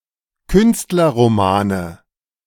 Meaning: 1. nominative plural of Künstlerroman 2. genitive plural of Künstlerroman 3. accusative plural of Künstlerroman
- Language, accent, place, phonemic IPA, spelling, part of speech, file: German, Germany, Berlin, /ˈkʏnstlɐʁomaːnə/, Künstlerromane, noun, De-Künstlerromane.ogg